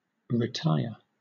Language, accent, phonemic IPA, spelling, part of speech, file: English, Southern England, /ɹɪˈtaɪə(ɹ)/, retyre, verb / noun, LL-Q1860 (eng)-retyre.wav
- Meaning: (verb) Obsolete form of retire (“to withdraw”); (noun) retirement